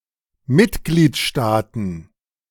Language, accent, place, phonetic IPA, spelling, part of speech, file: German, Germany, Berlin, [ˈmɪtɡliːtˌʃtaːtn̩], Mitgliedstaaten, noun, De-Mitgliedstaaten.ogg
- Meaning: plural of Mitgliedstaat